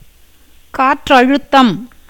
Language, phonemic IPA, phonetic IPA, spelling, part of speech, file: Tamil, /kɑːrːɐɻʊt̪ːɐm/, [käːtrɐɻʊt̪ːɐm], காற்றழுத்தம், noun, Ta-காற்றழுத்தம்.ogg
- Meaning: atmospheric pressure